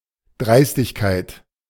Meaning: audacity
- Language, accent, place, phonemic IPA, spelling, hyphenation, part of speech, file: German, Germany, Berlin, /ˈdʁaɪ̯stɪçkaɪ̯t/, Dreistigkeit, Dreis‧tig‧keit, noun, De-Dreistigkeit.ogg